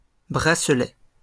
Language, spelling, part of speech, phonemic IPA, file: French, bracelets, noun, /bʁa.slɛ/, LL-Q150 (fra)-bracelets.wav
- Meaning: plural of bracelet